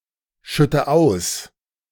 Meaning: inflection of ausschütten: 1. first-person singular present 2. first/third-person singular subjunctive I 3. singular imperative
- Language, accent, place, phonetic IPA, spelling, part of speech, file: German, Germany, Berlin, [ˌʃʏtə ˈaʊ̯s], schütte aus, verb, De-schütte aus.ogg